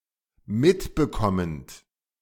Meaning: present participle of mitbekommen
- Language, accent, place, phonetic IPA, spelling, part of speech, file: German, Germany, Berlin, [ˈmɪtbəˌkɔmənt], mitbekommend, verb, De-mitbekommend.ogg